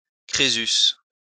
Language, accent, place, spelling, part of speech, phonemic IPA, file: French, France, Lyon, Crésus, proper noun, /kʁe.zys/, LL-Q150 (fra)-Crésus.wav
- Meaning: Croesus